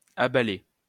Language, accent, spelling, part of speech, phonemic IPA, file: French, France, abalés, verb, /a.ba.le/, LL-Q150 (fra)-abalés.wav
- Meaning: masculine plural of abalé